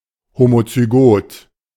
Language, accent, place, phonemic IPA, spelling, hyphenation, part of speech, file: German, Germany, Berlin, /ˌhomot͡syˈɡoːt/, homozygot, ho‧mo‧zy‧got, adjective, De-homozygot.ogg
- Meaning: homozygous